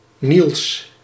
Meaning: a male given name
- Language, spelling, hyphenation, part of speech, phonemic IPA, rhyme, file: Dutch, Niels, Niels, proper noun, /nils/, -ils, Nl-Niels.ogg